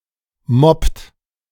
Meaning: inflection of mobben: 1. second-person plural present 2. third-person singular present 3. plural imperative
- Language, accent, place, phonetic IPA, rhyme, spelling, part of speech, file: German, Germany, Berlin, [mɔpt], -ɔpt, mobbt, verb, De-mobbt.ogg